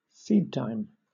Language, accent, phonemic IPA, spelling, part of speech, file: English, Southern England, /ˈsiːdˌtaɪm/, seedtime, noun, LL-Q1860 (eng)-seedtime.wav
- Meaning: 1. The time to sow seeds 2. A time for new development